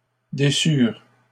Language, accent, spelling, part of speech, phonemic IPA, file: French, Canada, déçurent, verb, /de.syʁ/, LL-Q150 (fra)-déçurent.wav
- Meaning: third-person plural past historic of décevoir